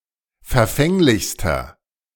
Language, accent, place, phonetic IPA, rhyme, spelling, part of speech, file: German, Germany, Berlin, [fɛɐ̯ˈfɛŋlɪçstɐ], -ɛŋlɪçstɐ, verfänglichster, adjective, De-verfänglichster.ogg
- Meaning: inflection of verfänglich: 1. strong/mixed nominative masculine singular superlative degree 2. strong genitive/dative feminine singular superlative degree 3. strong genitive plural superlative degree